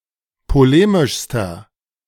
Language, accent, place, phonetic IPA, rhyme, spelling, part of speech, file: German, Germany, Berlin, [poˈleːmɪʃstɐ], -eːmɪʃstɐ, polemischster, adjective, De-polemischster.ogg
- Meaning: inflection of polemisch: 1. strong/mixed nominative masculine singular superlative degree 2. strong genitive/dative feminine singular superlative degree 3. strong genitive plural superlative degree